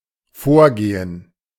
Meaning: 1. to walk to the front (of a room or area) 2. to go on ahead (in contrast to someone else temporarily staying behind) 3. to take precedence, to have a higher priority (e.g. of ideals)
- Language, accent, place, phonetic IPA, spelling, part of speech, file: German, Germany, Berlin, [ˈfoːɐ̯ˌɡeː.ən], vorgehen, verb, De-vorgehen.ogg